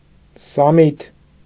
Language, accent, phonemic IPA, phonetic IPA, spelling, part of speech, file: Armenian, Eastern Armenian, /sɑˈmitʰ/, [sɑmítʰ], սամիթ, noun, Hy-սամիթ.ogg
- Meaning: dill, Anethum graveolens